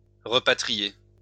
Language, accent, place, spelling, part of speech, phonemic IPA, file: French, France, Lyon, repatrier, verb, /ʁə.pa.tʁi.je/, LL-Q150 (fra)-repatrier.wav
- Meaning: obsolete form of rapatrier